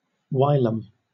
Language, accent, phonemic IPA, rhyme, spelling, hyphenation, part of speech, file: English, Southern England, /ˈwaɪləm/, -aɪləm, whilom, whil‧om, adverb / adjective / conjunction, LL-Q1860 (eng)-whilom.wav
- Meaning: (adverb) 1. At some time in the past; formerly, once upon a time 2. At times, on occasion, sometimes 3. Preceded by of or this: for some time that has passed